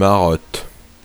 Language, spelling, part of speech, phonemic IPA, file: French, marotte, noun, /ma.ʁɔt/, Fr-marotte.ogg
- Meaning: 1. bauble (grotesque sceptre carried by a jester) 2. a puppet attached to a wooden stick 3. a wooden head used to model headgear 4. an obsession